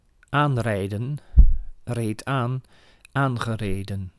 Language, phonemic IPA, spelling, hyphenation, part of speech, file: Dutch, /ˈaːnrɛi̯də(n)/, aanrijden, aan‧rij‧den, verb, Nl-aanrijden.ogg
- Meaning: 1. to collide with a vehicle 2. to arrive driving or riding 3. to depart driving